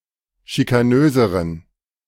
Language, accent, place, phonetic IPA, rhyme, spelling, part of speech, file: German, Germany, Berlin, [ʃikaˈnøːzəʁən], -øːzəʁən, schikanöseren, adjective, De-schikanöseren.ogg
- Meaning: inflection of schikanös: 1. strong genitive masculine/neuter singular comparative degree 2. weak/mixed genitive/dative all-gender singular comparative degree